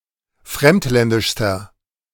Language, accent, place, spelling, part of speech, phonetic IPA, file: German, Germany, Berlin, fremdländischster, adjective, [ˈfʁɛmtˌlɛndɪʃstɐ], De-fremdländischster.ogg
- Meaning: inflection of fremdländisch: 1. strong/mixed nominative masculine singular superlative degree 2. strong genitive/dative feminine singular superlative degree